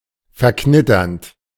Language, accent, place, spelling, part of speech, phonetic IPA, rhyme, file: German, Germany, Berlin, verknitternd, verb, [fɛɐ̯ˈknɪtɐnt], -ɪtɐnt, De-verknitternd.ogg
- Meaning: present participle of verknittern